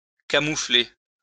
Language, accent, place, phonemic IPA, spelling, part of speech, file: French, France, Lyon, /ka.mu.fle/, camoufler, verb, LL-Q150 (fra)-camoufler.wav
- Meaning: to camouflage (hide, disguise)